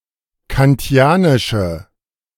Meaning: inflection of kantianisch: 1. strong/mixed nominative/accusative feminine singular 2. strong nominative/accusative plural 3. weak nominative all-gender singular
- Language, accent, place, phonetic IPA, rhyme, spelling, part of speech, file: German, Germany, Berlin, [kanˈti̯aːnɪʃə], -aːnɪʃə, kantianische, adjective, De-kantianische.ogg